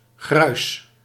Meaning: grit, ground stone or rocks
- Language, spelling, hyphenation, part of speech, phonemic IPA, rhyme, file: Dutch, gruis, gruis, noun, /ɣrœy̯s/, -œy̯s, Nl-gruis.ogg